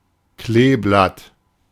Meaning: 1. cloverleaf 2. cloverleaf interchange
- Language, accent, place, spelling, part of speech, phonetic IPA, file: German, Germany, Berlin, Kleeblatt, noun, [ˈkleːˌblat], De-Kleeblatt.ogg